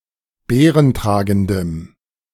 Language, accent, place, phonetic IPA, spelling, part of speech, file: German, Germany, Berlin, [ˈbeːʁənˌtʁaːɡn̩dəm], beerentragendem, adjective, De-beerentragendem.ogg
- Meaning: strong dative masculine/neuter singular of beerentragend